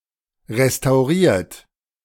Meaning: 1. past participle of restaurieren 2. inflection of restaurieren: third-person singular present 3. inflection of restaurieren: second-person plural present
- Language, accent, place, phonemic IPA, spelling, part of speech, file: German, Germany, Berlin, /ʁestaʊ̯ˈʁiːɐ̯t/, restauriert, verb, De-restauriert.ogg